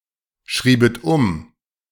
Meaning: second-person plural subjunctive II of umschreiben
- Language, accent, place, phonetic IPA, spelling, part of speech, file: German, Germany, Berlin, [ˌʃʁiːbət ˈʊm], schriebet um, verb, De-schriebet um.ogg